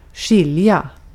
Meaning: 1. to separate; to cause to be separate 2. to tell apart; to discern, to differentiate 3. to separate, to distinguish (treat as different) 4. to differ; to be different
- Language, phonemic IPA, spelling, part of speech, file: Swedish, /²ɧɪlja/, skilja, verb, Sv-skilja.ogg